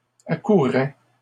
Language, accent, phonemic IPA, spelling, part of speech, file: French, Canada, /a.ku.ʁɛ/, accourais, verb, LL-Q150 (fra)-accourais.wav
- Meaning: first/second-person singular imperfect indicative of accourir